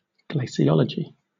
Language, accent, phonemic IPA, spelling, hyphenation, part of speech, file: English, Southern England, /ˌɡleɪsɪˈɒlədʒi/, glaciology, gla‧ci‧o‧lo‧gy, noun, LL-Q1860 (eng)-glaciology.wav
- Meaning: The study of ice and its effect on the landscape, especially the study of glaciers